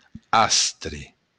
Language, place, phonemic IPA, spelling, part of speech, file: Occitan, Béarn, /ˈastre/, astre, noun, LL-Q14185 (oci)-astre.wav
- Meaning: luck